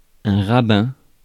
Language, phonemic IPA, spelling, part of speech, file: French, /ʁa.bɛ̃/, rabbin, noun, Fr-rabbin.ogg
- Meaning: rabbi